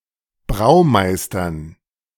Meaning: dative plural of Braumeister
- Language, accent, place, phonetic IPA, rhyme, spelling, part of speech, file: German, Germany, Berlin, [ˈbʁaʊ̯ˌmaɪ̯stɐn], -aʊ̯maɪ̯stɐn, Braumeistern, noun, De-Braumeistern.ogg